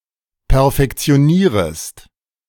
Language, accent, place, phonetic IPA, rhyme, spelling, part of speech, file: German, Germany, Berlin, [pɛɐ̯fɛkt͡si̯oˈniːʁəst], -iːʁəst, perfektionierest, verb, De-perfektionierest.ogg
- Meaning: second-person singular subjunctive I of perfektionieren